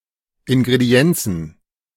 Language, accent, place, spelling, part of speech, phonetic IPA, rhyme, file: German, Germany, Berlin, Ingredienzen, noun, [ɪnɡʁeˈdi̯ɛnt͡sn̩], -ɛnt͡sn̩, De-Ingredienzen.ogg
- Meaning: plural of Ingredienz